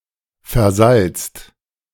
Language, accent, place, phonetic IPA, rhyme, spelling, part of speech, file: German, Germany, Berlin, [fɛɐ̯ˈzalt͡st], -alt͡st, versalzt, verb, De-versalzt.ogg
- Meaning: 1. past participle of versalzen 2. inflection of versalzen: second/third-person singular present 3. inflection of versalzen: second-person plural present 4. inflection of versalzen: plural imperative